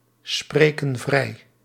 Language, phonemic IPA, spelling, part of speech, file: Dutch, /ˈsprekə(n) ˈvrɛi/, spreken vrij, verb, Nl-spreken vrij.ogg
- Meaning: inflection of vrijspreken: 1. plural present indicative 2. plural present subjunctive